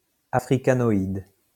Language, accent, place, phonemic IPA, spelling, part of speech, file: French, France, Lyon, /a.fʁi.ka.nɔ.id/, africanoïde, adjective, LL-Q150 (fra)-africanoïde.wav
- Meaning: Africanoid